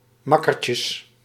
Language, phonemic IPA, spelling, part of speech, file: Dutch, /ˈmɑkərcəs/, makkertjes, noun, Nl-makkertjes.ogg
- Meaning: plural of makkertje